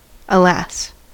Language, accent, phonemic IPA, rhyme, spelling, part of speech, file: English, US, /əˈlæs/, -æs, alas, interjection, En-us-alas.ogg
- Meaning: Used to express sorrow, regret, compassion, grief, resignation, or disappointment